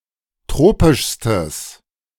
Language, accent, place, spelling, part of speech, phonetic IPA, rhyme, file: German, Germany, Berlin, tropischstes, adjective, [ˈtʁoːpɪʃstəs], -oːpɪʃstəs, De-tropischstes.ogg
- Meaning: strong/mixed nominative/accusative neuter singular superlative degree of tropisch